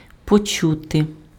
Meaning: 1. to hear 2. to feel, to sense
- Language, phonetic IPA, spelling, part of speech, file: Ukrainian, [poˈt͡ʃute], почути, verb, Uk-почути.ogg